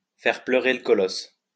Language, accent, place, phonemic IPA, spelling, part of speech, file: French, France, Lyon, /fɛʁ plœ.ʁe l(ə) kɔ.lɔs/, faire pleurer le colosse, verb, LL-Q150 (fra)-faire pleurer le colosse.wav
- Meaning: to pee, urinate